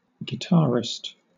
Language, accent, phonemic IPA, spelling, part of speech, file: English, Southern England, /ɡɪˈtɑɹɪst/, guitarist, noun, LL-Q1860 (eng)-guitarist.wav
- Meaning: Someone who plays a guitar